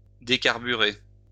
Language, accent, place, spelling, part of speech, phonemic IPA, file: French, France, Lyon, décarburer, verb, /de.kaʁ.by.ʁe/, LL-Q150 (fra)-décarburer.wav
- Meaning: to decarburize, decarbonize